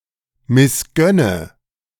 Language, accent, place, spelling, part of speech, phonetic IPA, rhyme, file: German, Germany, Berlin, missgönne, verb, [mɪsˈɡœnə], -œnə, De-missgönne.ogg
- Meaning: inflection of missgönnen: 1. first-person singular present 2. first/third-person singular subjunctive I 3. singular imperative